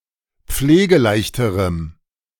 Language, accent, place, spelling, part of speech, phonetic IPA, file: German, Germany, Berlin, pflegeleichterem, adjective, [ˈp͡fleːɡəˌlaɪ̯çtəʁəm], De-pflegeleichterem.ogg
- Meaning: strong dative masculine/neuter singular comparative degree of pflegeleicht